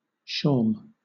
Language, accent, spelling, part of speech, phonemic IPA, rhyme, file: English, Southern England, shawm, noun, /ʃɔːm/, -ɔːm, LL-Q1860 (eng)-shawm.wav
- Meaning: A mediaeval double-reed wind instrument with a conical wooden body